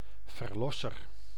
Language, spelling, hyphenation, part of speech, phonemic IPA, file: Dutch, verlosser, ver‧los‧ser, noun, /vərˈlɔsər/, Nl-verlosser.ogg
- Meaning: redeemer, savior/saviour